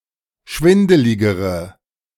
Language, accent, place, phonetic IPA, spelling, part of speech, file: German, Germany, Berlin, [ˈʃvɪndəlɪɡəʁə], schwindeligere, adjective, De-schwindeligere.ogg
- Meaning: inflection of schwindelig: 1. strong/mixed nominative/accusative feminine singular comparative degree 2. strong nominative/accusative plural comparative degree